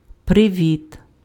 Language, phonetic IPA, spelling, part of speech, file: Ukrainian, [preˈʋʲit], привіт, noun / interjection, Uk-привіт.ogg
- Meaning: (noun) greeting; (interjection) hello (informal)